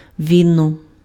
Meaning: bride-price
- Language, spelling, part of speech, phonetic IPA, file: Ukrainian, віно, noun, [ˈʋʲinɔ], Uk-віно.ogg